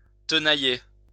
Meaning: 1. to torture with pincers 2. to torment
- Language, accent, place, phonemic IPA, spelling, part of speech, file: French, France, Lyon, /tə.na.je/, tenailler, verb, LL-Q150 (fra)-tenailler.wav